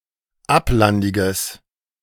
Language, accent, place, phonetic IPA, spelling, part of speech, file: German, Germany, Berlin, [ˈaplandɪɡəs], ablandiges, adjective, De-ablandiges.ogg
- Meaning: strong/mixed nominative/accusative neuter singular of ablandig